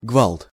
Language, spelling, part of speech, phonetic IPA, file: Russian, гвалт, noun, [ɡvaɫt], Ru-гвалт.ogg
- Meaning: din, row, rumpus, hubbub, racket (loud noise, commotion)